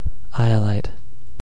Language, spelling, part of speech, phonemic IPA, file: English, iolite, noun, /ˈaɪəˌlaɪt/, En-iolite.ogg
- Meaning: The clear variety of cordierite, sometimes used as a gem